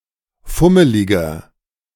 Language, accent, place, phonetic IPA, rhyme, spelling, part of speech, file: German, Germany, Berlin, [ˈfʊməlɪɡɐ], -ʊməlɪɡɐ, fummeliger, adjective, De-fummeliger.ogg
- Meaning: inflection of fummelig: 1. strong/mixed nominative masculine singular 2. strong genitive/dative feminine singular 3. strong genitive plural